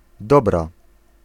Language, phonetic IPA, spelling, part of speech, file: Polish, [ˈdɔbra], dobra, noun / adjective / interjection, Pl-dobra.ogg